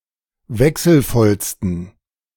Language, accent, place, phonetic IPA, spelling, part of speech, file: German, Germany, Berlin, [ˈvɛksl̩ˌfɔlstn̩], wechselvollsten, adjective, De-wechselvollsten.ogg
- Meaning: 1. superlative degree of wechselvoll 2. inflection of wechselvoll: strong genitive masculine/neuter singular superlative degree